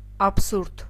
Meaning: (noun) absurdity, nonsense; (adjective) absurd
- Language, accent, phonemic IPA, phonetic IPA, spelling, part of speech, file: Armenian, Eastern Armenian, /ɑpʰˈsuɾd/, [ɑpʰsúɾd], աբսուրդ, noun / adjective, Hy-աբսուրդ.ogg